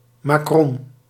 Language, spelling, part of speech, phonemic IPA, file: Dutch, makron, noun, /maː.ˈkrɔn/, Nl-makron.ogg
- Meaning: macaroon